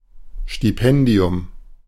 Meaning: scholarship (grant-in-aid to a student)
- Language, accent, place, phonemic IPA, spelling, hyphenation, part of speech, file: German, Germany, Berlin, /ʃtiˈpɛndi̯ʊm/, Stipendium, Sti‧pen‧di‧um, noun, De-Stipendium.ogg